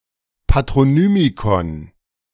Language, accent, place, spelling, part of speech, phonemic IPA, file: German, Germany, Berlin, Patronymikon, noun, /patʁoˈnyːmikɔn/, De-Patronymikon.ogg
- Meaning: alternative form of Patronym